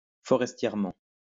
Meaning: forestedly
- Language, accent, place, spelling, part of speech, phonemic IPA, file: French, France, Lyon, forestièrement, adverb, /fɔ.ʁɛs.tjɛʁ.mɑ̃/, LL-Q150 (fra)-forestièrement.wav